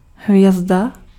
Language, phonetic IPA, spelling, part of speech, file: Czech, [ˈɦvjɛzda], hvězda, noun, Cs-hvězda.ogg
- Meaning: 1. star 2. cartwheel